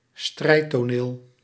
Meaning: theater of war, theater of battle
- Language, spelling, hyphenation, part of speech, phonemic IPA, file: Dutch, strijdtoneel, strijd‧to‧neel, noun, /ˈstrɛi̯.toːˌneːl/, Nl-strijdtoneel.ogg